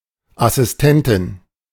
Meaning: A female assistant
- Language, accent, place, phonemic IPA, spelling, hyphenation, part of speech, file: German, Germany, Berlin, /asɪstˈɛntɪn/, Assistentin, As‧sis‧ten‧tin, noun, De-Assistentin.ogg